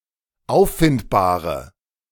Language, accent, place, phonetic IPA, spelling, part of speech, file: German, Germany, Berlin, [ˈaʊ̯ffɪntbaːʁə], auffindbare, adjective, De-auffindbare.ogg
- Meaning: inflection of auffindbar: 1. strong/mixed nominative/accusative feminine singular 2. strong nominative/accusative plural 3. weak nominative all-gender singular